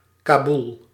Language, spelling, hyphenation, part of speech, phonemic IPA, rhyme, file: Dutch, Kaboel, Ka‧boel, proper noun, /kaːˈbul/, -ul, Nl-Kaboel.ogg
- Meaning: Kabul (the capital city of Afghanistan)